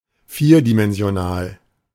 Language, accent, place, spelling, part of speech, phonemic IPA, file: German, Germany, Berlin, vierdimensional, adjective, /ˈfiːɐ̯dimɛnzi̯oˌnaːl/, De-vierdimensional.ogg
- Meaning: four-dimensional